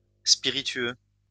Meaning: spirituous (alcoholic)
- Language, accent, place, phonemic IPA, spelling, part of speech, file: French, France, Lyon, /spi.ʁi.tɥø/, spiritueux, adjective, LL-Q150 (fra)-spiritueux.wav